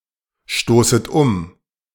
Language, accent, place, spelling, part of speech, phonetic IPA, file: German, Germany, Berlin, stoßet um, verb, [ˌʃtoːsət ˈʊm], De-stoßet um.ogg
- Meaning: second-person plural subjunctive I of umstoßen